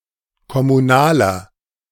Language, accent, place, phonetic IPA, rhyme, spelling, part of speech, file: German, Germany, Berlin, [kɔmuˈnaːlɐ], -aːlɐ, kommunaler, adjective, De-kommunaler.ogg
- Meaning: inflection of kommunal: 1. strong/mixed nominative masculine singular 2. strong genitive/dative feminine singular 3. strong genitive plural